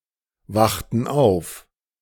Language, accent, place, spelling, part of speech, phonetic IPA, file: German, Germany, Berlin, wachten auf, verb, [ˌvaxtn̩ ˈaʊ̯f], De-wachten auf.ogg
- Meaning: inflection of aufwachen: 1. first/third-person plural preterite 2. first/third-person plural subjunctive II